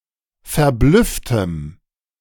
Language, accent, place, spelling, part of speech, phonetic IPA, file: German, Germany, Berlin, verblüfftem, adjective, [fɛɐ̯ˈblʏftəm], De-verblüfftem.ogg
- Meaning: strong dative masculine/neuter singular of verblüfft